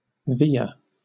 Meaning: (verb) To let out (a sail-line), to allow (a sheet) to run out; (noun) A turn or swerve; an instance of veering; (verb) To change direction or course suddenly; to swerve
- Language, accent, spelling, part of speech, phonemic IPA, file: English, Southern England, veer, verb / noun, /vɪə̯/, LL-Q1860 (eng)-veer.wav